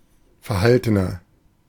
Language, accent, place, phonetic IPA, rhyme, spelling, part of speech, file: German, Germany, Berlin, [fɛɐ̯ˈhaltənɐ], -altənɐ, verhaltener, adjective, De-verhaltener.ogg
- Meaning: inflection of verhalten: 1. strong/mixed nominative masculine singular 2. strong genitive/dative feminine singular 3. strong genitive plural